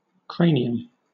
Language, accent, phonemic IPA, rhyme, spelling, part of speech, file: English, Southern England, /ˈkɹeɪ.ni.əm/, -eɪniəm, cranium, noun, LL-Q1860 (eng)-cranium.wav
- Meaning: That part of the skull consisting of the bones enclosing the brain, but not including the bones of the face or jaw